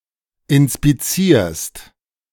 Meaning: second-person singular present of inspizieren
- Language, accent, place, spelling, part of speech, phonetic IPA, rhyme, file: German, Germany, Berlin, inspizierst, verb, [ɪnspiˈt͡siːɐ̯st], -iːɐ̯st, De-inspizierst.ogg